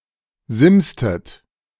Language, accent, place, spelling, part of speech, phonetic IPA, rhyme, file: German, Germany, Berlin, simstet, verb, [ˈzɪmstət], -ɪmstət, De-simstet.ogg
- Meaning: inflection of simsen: 1. second-person plural preterite 2. second-person plural subjunctive II